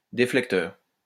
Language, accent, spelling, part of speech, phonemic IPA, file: French, France, déflecteur, noun, /de.flɛk.tœʁ/, LL-Q150 (fra)-déflecteur.wav
- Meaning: 1. deflector, baffle 2. quarterlight (small car window)